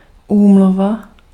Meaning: convention (treaty)
- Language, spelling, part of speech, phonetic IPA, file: Czech, úmluva, noun, [ˈuːmluva], Cs-úmluva.ogg